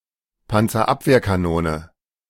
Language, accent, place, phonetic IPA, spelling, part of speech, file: German, Germany, Berlin, [ˌpant͡sɐˈʔapveːɐ̯kaˌnoːnə], Panzerabwehrkanone, noun, De-Panzerabwehrkanone.ogg
- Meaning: antitank gun